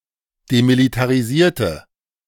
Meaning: inflection of demilitarisiert: 1. strong/mixed nominative/accusative feminine singular 2. strong nominative/accusative plural 3. weak nominative all-gender singular
- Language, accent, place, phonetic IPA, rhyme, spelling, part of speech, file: German, Germany, Berlin, [demilitaʁiˈziːɐ̯tə], -iːɐ̯tə, demilitarisierte, adjective, De-demilitarisierte.ogg